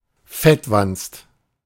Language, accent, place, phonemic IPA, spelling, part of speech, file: German, Germany, Berlin, /ˈfɛtˌvanst/, Fettwanst, noun, De-Fettwanst.ogg
- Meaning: fatso, lard-ass